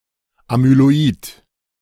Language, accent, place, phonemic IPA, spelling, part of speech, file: German, Germany, Berlin, /amyloˈiːt/, amyloid, adjective, De-amyloid.ogg
- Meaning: amyloid